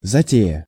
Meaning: 1. enterprise, undertaking 2. piece of fun, fancy
- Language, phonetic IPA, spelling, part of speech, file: Russian, [zɐˈtʲejə], затея, noun, Ru-затея.ogg